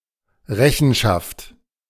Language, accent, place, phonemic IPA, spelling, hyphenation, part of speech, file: German, Germany, Berlin, /ˈrɛçənʃaft/, Rechenschaft, Re‧chen‧schaft, noun, De-Rechenschaft.ogg
- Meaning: 1. account, accountability 2. reckoning